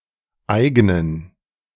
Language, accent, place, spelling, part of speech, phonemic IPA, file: German, Germany, Berlin, eignen, verb, /ˈaɪ̯ɡnən/, De-eignen.ogg
- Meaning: 1. to suit, to be apt for 2. [with dative] to be own to someone, to be characteristic